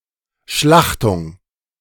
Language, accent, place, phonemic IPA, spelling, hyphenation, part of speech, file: German, Germany, Berlin, /ˈʃlaxtʊŋ/, Schlachtung, Schlach‧tung, noun, De-Schlachtung.ogg
- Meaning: slaughter